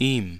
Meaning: 1. dative of er; him, to him (indirect object); for him (in some cases) 2. dative of es; to it (indirect object); for it (in some cases)
- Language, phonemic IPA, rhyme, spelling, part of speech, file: German, /iːm/, -iːm, ihm, pronoun, De-ihm.ogg